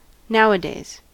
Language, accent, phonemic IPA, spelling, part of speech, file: English, US, /ˈnaʊ.ə.deɪz/, nowadays, adverb, En-us-nowadays.ogg
- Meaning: At the present time; in the current era